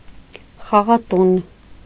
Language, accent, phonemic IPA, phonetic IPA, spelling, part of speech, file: Armenian, Eastern Armenian, /χɑʁɑˈtun/, [χɑʁɑtún], խաղատուն, noun, Hy-խաղատուն.ogg
- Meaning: casino